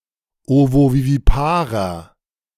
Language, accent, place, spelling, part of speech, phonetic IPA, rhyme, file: German, Germany, Berlin, ovoviviparer, adjective, [ˌovoviviˈpaːʁɐ], -aːʁɐ, De-ovoviviparer.ogg
- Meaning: inflection of ovovivipar: 1. strong/mixed nominative masculine singular 2. strong genitive/dative feminine singular 3. strong genitive plural